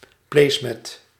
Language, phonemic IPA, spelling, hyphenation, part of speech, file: Dutch, /ˈpleːsmɛt/, placemat, place‧mat, noun, Nl-placemat.ogg
- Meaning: place mat